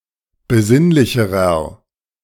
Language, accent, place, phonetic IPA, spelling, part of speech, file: German, Germany, Berlin, [bəˈzɪnlɪçəʁɐ], besinnlicherer, adjective, De-besinnlicherer.ogg
- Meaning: inflection of besinnlich: 1. strong/mixed nominative masculine singular comparative degree 2. strong genitive/dative feminine singular comparative degree 3. strong genitive plural comparative degree